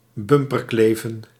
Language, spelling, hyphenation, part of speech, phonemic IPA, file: Dutch, bumperkleven, bum‧per‧kle‧ven, verb, /ˈbʏm.pərˌkleː.və(n)/, Nl-bumperkleven.ogg
- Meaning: to tailgate (drive dangerously close)